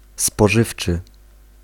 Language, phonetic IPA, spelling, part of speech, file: Polish, [spɔˈʒɨft͡ʃɨ], spożywczy, adjective / noun, Pl-spożywczy.ogg